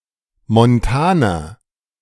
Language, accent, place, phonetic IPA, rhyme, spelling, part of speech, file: German, Germany, Berlin, [mɔnˈtaːnɐ], -aːnɐ, montaner, adjective, De-montaner.ogg
- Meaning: inflection of montan: 1. strong/mixed nominative masculine singular 2. strong genitive/dative feminine singular 3. strong genitive plural